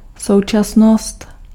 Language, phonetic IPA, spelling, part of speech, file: Czech, [ˈsou̯t͡ʃasnost], současnost, noun, Cs-současnost.ogg
- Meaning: 1. present (the current moment) 2. simultaneity